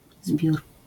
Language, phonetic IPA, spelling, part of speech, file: Polish, [zbʲjur], zbiór, noun, LL-Q809 (pol)-zbiór.wav